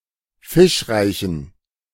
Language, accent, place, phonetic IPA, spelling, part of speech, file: German, Germany, Berlin, [ˈfɪʃˌʁaɪ̯çn̩], fischreichen, adjective, De-fischreichen.ogg
- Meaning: inflection of fischreich: 1. strong genitive masculine/neuter singular 2. weak/mixed genitive/dative all-gender singular 3. strong/weak/mixed accusative masculine singular 4. strong dative plural